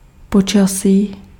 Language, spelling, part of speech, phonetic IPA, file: Czech, počasí, noun, [ˈpot͡ʃasiː], Cs-počasí.ogg
- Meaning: weather